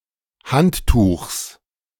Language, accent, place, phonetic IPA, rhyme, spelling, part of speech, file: German, Germany, Berlin, [ˈhantˌtuːxs], -anttuːxs, Handtuchs, noun, De-Handtuchs.ogg
- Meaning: genitive singular of Handtuch